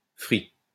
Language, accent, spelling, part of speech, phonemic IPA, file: French, France, frit, verb / adjective, /fʁi/, LL-Q150 (fra)-frit.wav
- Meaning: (verb) past participle of frire; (adjective) fried